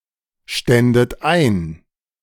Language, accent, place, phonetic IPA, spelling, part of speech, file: German, Germany, Berlin, [ˌʃtɛndət ˈaɪ̯n], ständet ein, verb, De-ständet ein.ogg
- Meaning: second-person plural subjunctive II of einstehen